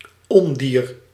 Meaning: a vermin, a nasty or unwanted beast; a monster
- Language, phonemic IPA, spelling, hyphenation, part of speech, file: Dutch, /ˈɔn.diːr/, ondier, on‧dier, noun, Nl-ondier.ogg